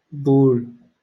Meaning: urine
- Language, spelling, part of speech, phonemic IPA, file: Moroccan Arabic, بول, noun, /buːl/, LL-Q56426 (ary)-بول.wav